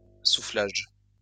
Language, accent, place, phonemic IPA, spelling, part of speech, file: French, France, Lyon, /su.flaʒ/, soufflage, noun, LL-Q150 (fra)-soufflage.wav
- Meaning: 1. blowing 2. glassblowing